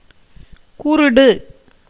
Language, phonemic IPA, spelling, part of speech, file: Tamil, /kʊɾʊɖɯ/, குருடு, adjective / noun, Ta-குருடு.ogg
- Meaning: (adjective) blind; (noun) 1. blindness, absence of vision 2. dimness, opacity (of gems) 3. a blind, ignorant person